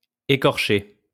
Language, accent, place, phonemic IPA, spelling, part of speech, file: French, France, Lyon, /e.kɔʁ.ʃe/, écorchée, verb, LL-Q150 (fra)-écorchée.wav
- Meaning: feminine singular of écorché